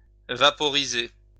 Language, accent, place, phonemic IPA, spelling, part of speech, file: French, France, Lyon, /va.pɔ.ʁi.ze/, vaporiser, verb, LL-Q150 (fra)-vaporiser.wav
- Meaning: to vaporize (to turn into vapour)